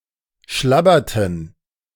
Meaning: inflection of schlabbern: 1. first/third-person plural preterite 2. first/third-person plural subjunctive II
- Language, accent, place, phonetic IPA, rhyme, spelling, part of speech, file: German, Germany, Berlin, [ˈʃlabɐtn̩], -abɐtn̩, schlabberten, verb, De-schlabberten.ogg